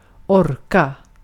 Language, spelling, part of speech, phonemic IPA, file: Swedish, orka, verb / interjection, /ˈɔrˌka/, Sv-orka.ogg
- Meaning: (verb) 1. to have strength, will, or stamina enough 2. to have strength, will, or stamina enough: to be bothered to 3. to have strength, will, or stamina enough: to have room for (be able to eat)